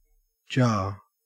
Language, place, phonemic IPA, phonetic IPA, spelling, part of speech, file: English, Queensland, /d͡ʒɐː/, [d͡ʒɐː(ɹ)], jar, noun / verb, En-au-jar.ogg
- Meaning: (noun) An earthenware container, either with two or no handles, for holding oil, water, wine, etc., or used for burial